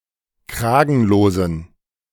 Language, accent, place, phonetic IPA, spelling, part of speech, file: German, Germany, Berlin, [ˈkʁaːɡn̩loːzn̩], kragenlosen, adjective, De-kragenlosen.ogg
- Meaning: inflection of kragenlos: 1. strong genitive masculine/neuter singular 2. weak/mixed genitive/dative all-gender singular 3. strong/weak/mixed accusative masculine singular 4. strong dative plural